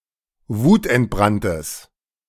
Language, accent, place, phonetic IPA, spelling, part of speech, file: German, Germany, Berlin, [ˈvuːtʔɛntˌbʁantəs], wutentbranntes, adjective, De-wutentbranntes.ogg
- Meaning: strong/mixed nominative/accusative neuter singular of wutentbrannt